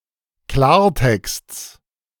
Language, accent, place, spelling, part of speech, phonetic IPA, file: German, Germany, Berlin, Klartexts, noun, [ˈklaːɐ̯ˌtɛkst͡s], De-Klartexts.ogg
- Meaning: genitive of Klartext